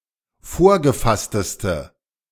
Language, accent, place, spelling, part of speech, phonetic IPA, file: German, Germany, Berlin, vorgefassteste, adjective, [ˈfoːɐ̯ɡəˌfastəstə], De-vorgefassteste.ogg
- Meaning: inflection of vorgefasst: 1. strong/mixed nominative/accusative feminine singular superlative degree 2. strong nominative/accusative plural superlative degree